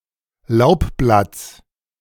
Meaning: genitive singular of Laubblatt
- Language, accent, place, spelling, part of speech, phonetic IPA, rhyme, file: German, Germany, Berlin, Laubblatts, noun, [ˈlaʊ̯pˌblat͡s], -aʊ̯pblat͡s, De-Laubblatts.ogg